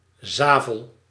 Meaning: 1. sand 2. soil consisting mostly of sand with significant to high levels of clay
- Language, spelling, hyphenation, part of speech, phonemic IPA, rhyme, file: Dutch, zavel, za‧vel, noun, /ˈzaː.vəl/, -aːvəl, Nl-zavel.ogg